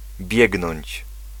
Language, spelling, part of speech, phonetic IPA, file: Polish, biegnąć, verb, [ˈbʲjɛɡnɔ̃ɲt͡ɕ], Pl-biegnąć.ogg